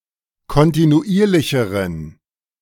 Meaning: inflection of kontinuierlich: 1. strong genitive masculine/neuter singular comparative degree 2. weak/mixed genitive/dative all-gender singular comparative degree
- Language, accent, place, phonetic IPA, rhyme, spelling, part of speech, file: German, Germany, Berlin, [kɔntinuˈʔiːɐ̯lɪçəʁən], -iːɐ̯lɪçəʁən, kontinuierlicheren, adjective, De-kontinuierlicheren.ogg